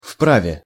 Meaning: one has a right
- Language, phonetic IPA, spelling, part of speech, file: Russian, [ˈfpravʲe], вправе, adjective, Ru-вправе.ogg